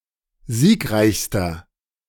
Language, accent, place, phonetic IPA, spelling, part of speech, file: German, Germany, Berlin, [ˈziːkˌʁaɪ̯çstɐ], siegreichster, adjective, De-siegreichster.ogg
- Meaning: inflection of siegreich: 1. strong/mixed nominative masculine singular superlative degree 2. strong genitive/dative feminine singular superlative degree 3. strong genitive plural superlative degree